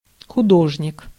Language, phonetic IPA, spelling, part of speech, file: Russian, [xʊˈdoʐnʲɪk], художник, noun, Ru-художник.ogg
- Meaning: artist, painter